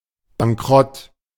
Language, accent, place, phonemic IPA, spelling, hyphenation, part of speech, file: German, Germany, Berlin, /baŋˈkʁɔt/, Bankrott, Ban‧k‧rott, noun, De-Bankrott.ogg
- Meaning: 1. bankruptcy 2. one of any certain behaviours constituting a criminal offence for abstractly endangering an insolvency estate under § 283 StGB